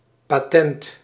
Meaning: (noun) patent; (adjective) excellent, exquisite
- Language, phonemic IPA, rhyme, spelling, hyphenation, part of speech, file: Dutch, /paːˈtɛnt/, -ɛnt, patent, pa‧tent, noun / adjective, Nl-patent.ogg